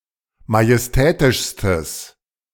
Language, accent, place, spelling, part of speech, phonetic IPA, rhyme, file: German, Germany, Berlin, majestätischstes, adjective, [majɛsˈtɛːtɪʃstəs], -ɛːtɪʃstəs, De-majestätischstes.ogg
- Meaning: strong/mixed nominative/accusative neuter singular superlative degree of majestätisch